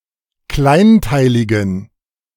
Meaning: inflection of kleinteilig: 1. strong genitive masculine/neuter singular 2. weak/mixed genitive/dative all-gender singular 3. strong/weak/mixed accusative masculine singular 4. strong dative plural
- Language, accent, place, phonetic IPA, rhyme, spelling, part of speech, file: German, Germany, Berlin, [ˈklaɪ̯nˌtaɪ̯lɪɡn̩], -aɪ̯ntaɪ̯lɪɡn̩, kleinteiligen, adjective, De-kleinteiligen.ogg